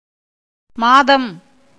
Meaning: 1. month (of the Gregorian calendar) 2. lunar month
- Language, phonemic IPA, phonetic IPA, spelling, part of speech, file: Tamil, /mɑːd̪ɐm/, [mäːd̪ɐm], மாதம், noun, Ta-மாதம்.ogg